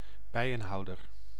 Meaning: beekeeper
- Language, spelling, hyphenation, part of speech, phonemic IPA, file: Dutch, bijenhouder, bij‧en‧hou‧der, noun, /ˈbɛi̯.ə(n)ˌɦɑu̯.dər/, Nl-bijenhouder.ogg